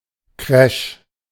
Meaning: 1. crash 2. crash (malfunction of computer software)
- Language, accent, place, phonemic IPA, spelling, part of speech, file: German, Germany, Berlin, /kʁɛʃ/, Crash, noun, De-Crash.ogg